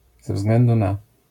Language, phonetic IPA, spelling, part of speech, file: Polish, [zɛ‿ˈvzɡlɛ̃ndu ˈna], ze względu na, prepositional phrase, LL-Q809 (pol)-ze względu na.wav